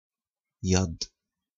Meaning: hell
- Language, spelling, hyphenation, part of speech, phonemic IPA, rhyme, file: Romanian, iad, iad, noun, /ˈjad/, -ad, Ro-iad.ogg